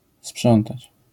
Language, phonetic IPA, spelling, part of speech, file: Polish, [ˈspʃɔ̃ntat͡ɕ], sprzątać, verb, LL-Q809 (pol)-sprzątać.wav